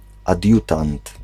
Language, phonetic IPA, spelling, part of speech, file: Polish, [aˈdʲjutãnt], adiutant, noun, Pl-adiutant.ogg